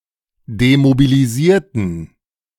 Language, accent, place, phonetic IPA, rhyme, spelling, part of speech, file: German, Germany, Berlin, [demobiliˈziːɐ̯tn̩], -iːɐ̯tn̩, demobilisierten, adjective / verb, De-demobilisierten.ogg
- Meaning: inflection of demobilisieren: 1. first/third-person plural preterite 2. first/third-person plural subjunctive II